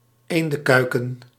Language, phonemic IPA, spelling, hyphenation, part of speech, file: Dutch, /ˈeːn.də(n)ˌkœy̯.kə(n)/, eendenkuiken, een‧den‧kui‧ken, noun, Nl-eendenkuiken.ogg
- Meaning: duckling (juvenile duck)